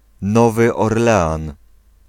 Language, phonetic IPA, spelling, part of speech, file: Polish, [ˈnɔvɨ ɔrˈlɛãn], Nowy Orlean, proper noun, Pl-Nowy Orlean.ogg